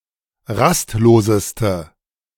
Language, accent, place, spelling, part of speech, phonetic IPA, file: German, Germany, Berlin, rastloseste, adjective, [ˈʁastˌloːzəstə], De-rastloseste.ogg
- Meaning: inflection of rastlos: 1. strong/mixed nominative/accusative feminine singular superlative degree 2. strong nominative/accusative plural superlative degree